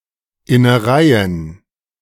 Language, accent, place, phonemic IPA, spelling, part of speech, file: German, Germany, Berlin, /ɪnəˈʁaɪ̯ən/, Innereien, noun, De-Innereien.ogg
- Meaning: guts, innards